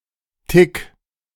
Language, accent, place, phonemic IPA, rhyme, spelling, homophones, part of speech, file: German, Germany, Berlin, /tɪk/, -ɪk, Tic, Tick, noun, De-Tic.ogg
- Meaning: tic